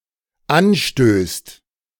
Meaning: second/third-person singular dependent present of anstoßen
- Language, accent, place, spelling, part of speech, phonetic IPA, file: German, Germany, Berlin, anstößt, verb, [ˈanˌʃtøːst], De-anstößt.ogg